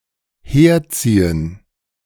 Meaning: 1. to move here 2. to drag 3. to badmouth [with über]
- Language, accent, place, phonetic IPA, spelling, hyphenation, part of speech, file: German, Germany, Berlin, [ˈheːɐ̯ˌt͡siːən], herziehen, her‧zie‧hen, verb, De-herziehen.ogg